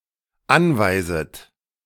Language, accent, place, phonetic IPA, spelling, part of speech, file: German, Germany, Berlin, [ˈanvaɪ̯zət], anweiset, verb, De-anweiset.ogg
- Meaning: second-person plural dependent subjunctive I of anweisen